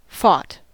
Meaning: simple past and past participle of fight
- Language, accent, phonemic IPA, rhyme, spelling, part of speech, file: English, US, /fɔt/, -ɔːt, fought, verb, En-us-fought.ogg